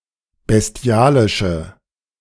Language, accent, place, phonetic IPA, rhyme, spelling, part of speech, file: German, Germany, Berlin, [bɛsˈti̯aːlɪʃə], -aːlɪʃə, bestialische, adjective, De-bestialische.ogg
- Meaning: inflection of bestialisch: 1. strong/mixed nominative/accusative feminine singular 2. strong nominative/accusative plural 3. weak nominative all-gender singular